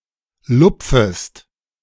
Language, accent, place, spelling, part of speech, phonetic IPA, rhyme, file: German, Germany, Berlin, lupfest, verb, [ˈlʊp͡fəst], -ʊp͡fəst, De-lupfest.ogg
- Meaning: second-person singular subjunctive I of lupfen